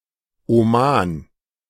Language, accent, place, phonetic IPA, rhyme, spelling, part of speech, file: German, Germany, Berlin, [oˈmaːn], -aːn, Oman, proper noun, De-Oman.ogg
- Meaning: Oman (a country in West Asia in the Middle East)